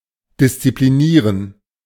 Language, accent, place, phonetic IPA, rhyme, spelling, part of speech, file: German, Germany, Berlin, [dɪst͡sipliˈniːʁən], -iːʁən, disziplinieren, verb, De-disziplinieren.ogg
- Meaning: to discipline